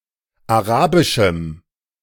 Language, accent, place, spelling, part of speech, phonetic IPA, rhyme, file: German, Germany, Berlin, arabischem, adjective, [aˈʁaːbɪʃm̩], -aːbɪʃm̩, De-arabischem.ogg
- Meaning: strong dative masculine/neuter singular of arabisch